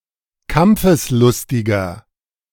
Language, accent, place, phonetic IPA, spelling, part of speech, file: German, Germany, Berlin, [ˈkamp͡fəsˌlʊstɪɡɐ], kampfeslustiger, adjective, De-kampfeslustiger.ogg
- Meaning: 1. comparative degree of kampfeslustig 2. inflection of kampfeslustig: strong/mixed nominative masculine singular 3. inflection of kampfeslustig: strong genitive/dative feminine singular